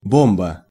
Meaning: bomb
- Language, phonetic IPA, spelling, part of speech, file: Russian, [ˈbombə], бомба, noun, Ru-бомба.ogg